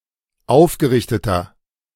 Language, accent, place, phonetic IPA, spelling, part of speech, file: German, Germany, Berlin, [ˈaʊ̯fɡəˌʁɪçtətɐ], aufgerichteter, adjective, De-aufgerichteter.ogg
- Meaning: inflection of aufgerichtet: 1. strong/mixed nominative masculine singular 2. strong genitive/dative feminine singular 3. strong genitive plural